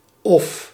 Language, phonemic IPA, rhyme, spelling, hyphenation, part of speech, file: Dutch, /ɔf/, -ɔf, of, of, conjunction, Nl-of.ogg
- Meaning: 1. or 2. whether, if 3. either ... or 4. whether ... or